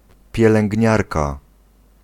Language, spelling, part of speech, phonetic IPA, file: Polish, pielęgniarka, noun, [ˌpʲjɛlɛ̃ŋʲɟˈɲarka], Pl-pielęgniarka.ogg